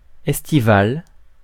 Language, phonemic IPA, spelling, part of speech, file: French, /ɛs.ti.val/, estival, adjective, Fr-estival.ogg
- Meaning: estival, summery